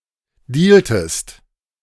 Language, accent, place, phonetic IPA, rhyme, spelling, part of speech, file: German, Germany, Berlin, [ˈdiːltəst], -iːltəst, dealtest, verb, De-dealtest.ogg
- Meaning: inflection of dealen: 1. second-person singular preterite 2. second-person singular subjunctive II